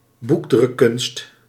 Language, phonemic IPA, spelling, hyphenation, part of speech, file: Dutch, /ˈbuk.drʏ(k)ˌkʏnst/, boekdrukkunst, boek‧druk‧kunst, noun, Nl-boekdrukkunst.ogg
- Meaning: printing, the ability to print text